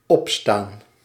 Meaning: 1. to stand up 2. to get up, to rise 3. to be on, to be cooking 4. to be on, to be playing (music)
- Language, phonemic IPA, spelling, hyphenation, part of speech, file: Dutch, /ˈɔp.staːn/, opstaan, op‧staan, verb, Nl-opstaan.ogg